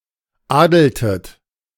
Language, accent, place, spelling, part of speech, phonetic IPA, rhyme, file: German, Germany, Berlin, adeltet, verb, [ˈaːdl̩tət], -aːdl̩tət, De-adeltet.ogg
- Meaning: inflection of adeln: 1. second-person plural preterite 2. second-person plural subjunctive II